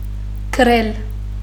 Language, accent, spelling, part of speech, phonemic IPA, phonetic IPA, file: Armenian, Western Armenian, գրել, verb, /kəˈɾel/, [kʰəɾél], HyW-գրել.ogg
- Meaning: to write